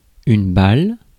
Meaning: 1. ball 2. bullet 3. franc (French franc), euro 4. bundle of goods; packet tied and held together with string 5. chaff (inedible casing of a grain seed)
- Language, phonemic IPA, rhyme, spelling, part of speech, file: French, /bal/, -al, balle, noun, Fr-balle.ogg